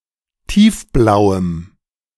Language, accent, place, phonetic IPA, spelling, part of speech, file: German, Germany, Berlin, [ˈtiːfˌblaʊ̯əm], tiefblauem, adjective, De-tiefblauem.ogg
- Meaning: strong dative masculine/neuter singular of tiefblau